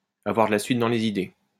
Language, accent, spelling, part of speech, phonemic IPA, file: French, France, avoir de la suite dans les idées, verb, /a.vwaʁ də la sɥit dɑ̃ le.z‿i.de/, LL-Q150 (fra)-avoir de la suite dans les idées.wav
- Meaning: to be single-minded, to have a one-track mind; to be strong-minded, to know what one wants; to think logically and consistently